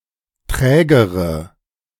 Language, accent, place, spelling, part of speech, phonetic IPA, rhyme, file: German, Germany, Berlin, trägere, adjective, [ˈtʁɛːɡəʁə], -ɛːɡəʁə, De-trägere.ogg
- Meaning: inflection of träge: 1. strong/mixed nominative/accusative feminine singular comparative degree 2. strong nominative/accusative plural comparative degree